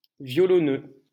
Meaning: fiddler (fiddle player)
- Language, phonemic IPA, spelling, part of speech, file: French, /vjɔ.lɔ.nø/, violoneux, noun, LL-Q150 (fra)-violoneux.wav